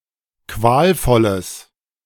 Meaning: strong/mixed nominative/accusative neuter singular of qualvoll
- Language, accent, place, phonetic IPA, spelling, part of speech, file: German, Germany, Berlin, [ˈkvaːlˌfɔləs], qualvolles, adjective, De-qualvolles.ogg